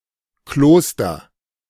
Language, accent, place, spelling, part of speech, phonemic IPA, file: German, Germany, Berlin, Kloster, noun, /ˈkloːstɐ/, De-Kloster.ogg
- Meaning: convent, monastery, cloister